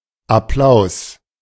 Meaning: applause
- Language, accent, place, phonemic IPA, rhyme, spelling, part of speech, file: German, Germany, Berlin, /aˈplaʊ̯s/, -aʊ̯s, Applaus, noun, De-Applaus.ogg